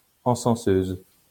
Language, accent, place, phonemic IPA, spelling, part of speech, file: French, France, Lyon, /ɑ̃.sɑ̃.søz/, encenseuse, noun, LL-Q150 (fra)-encenseuse.wav
- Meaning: female equivalent of encenseur